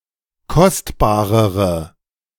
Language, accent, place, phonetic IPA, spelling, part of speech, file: German, Germany, Berlin, [ˈkɔstbaːʁəʁə], kostbarere, adjective, De-kostbarere.ogg
- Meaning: inflection of kostbar: 1. strong/mixed nominative/accusative feminine singular comparative degree 2. strong nominative/accusative plural comparative degree